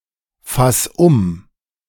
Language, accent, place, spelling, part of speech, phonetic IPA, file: German, Germany, Berlin, fass um, verb, [ˌfas ˈʊm], De-fass um.ogg
- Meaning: 1. singular imperative of umfassen 2. first-person singular present of umfassen